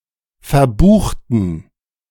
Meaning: inflection of verbuchen: 1. first/third-person plural preterite 2. first/third-person plural subjunctive II
- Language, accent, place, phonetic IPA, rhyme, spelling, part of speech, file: German, Germany, Berlin, [fɛɐ̯ˈbuːxtn̩], -uːxtn̩, verbuchten, adjective / verb, De-verbuchten.ogg